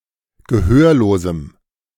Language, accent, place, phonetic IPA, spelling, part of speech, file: German, Germany, Berlin, [ɡəˈhøːɐ̯loːzm̩], gehörlosem, adjective, De-gehörlosem.ogg
- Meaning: strong dative masculine/neuter singular of gehörlos